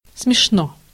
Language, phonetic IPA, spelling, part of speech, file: Russian, [smʲɪʂˈno], смешно, adverb / adjective, Ru-смешно.ogg
- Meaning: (adverb) in a funny manner/way, comically; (adjective) 1. it is nice 2. short neuter singular of смешно́й (smešnój)